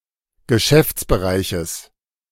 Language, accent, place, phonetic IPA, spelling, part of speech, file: German, Germany, Berlin, [ɡəˈʃɛft͡sbəˌʁaɪ̯çəs], Geschäftsbereiches, noun, De-Geschäftsbereiches.ogg
- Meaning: genitive singular of Geschäftsbereich